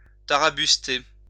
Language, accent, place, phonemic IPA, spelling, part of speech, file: French, France, Lyon, /ta.ʁa.bys.te/, tarabuster, verb, LL-Q150 (fra)-tarabuster.wav
- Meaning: to bother (someone)